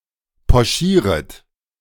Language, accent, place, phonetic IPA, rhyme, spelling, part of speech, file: German, Germany, Berlin, [pɔˈʃiːʁət], -iːʁət, pochieret, verb, De-pochieret.ogg
- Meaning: second-person plural subjunctive I of pochieren